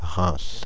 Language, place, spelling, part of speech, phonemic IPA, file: French, Paris, Reims, proper noun, /ʁɛ̃s/, Fr-Reims.ogg
- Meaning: Reims (a city in Marne department, Grand Est, France)